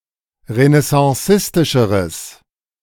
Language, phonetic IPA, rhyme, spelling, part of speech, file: German, [ʁənɛsɑ̃ˈsɪstɪʃəʁəs], -ɪstɪʃəʁəs, renaissancistischeres, adjective, De-renaissancistischeres.ogg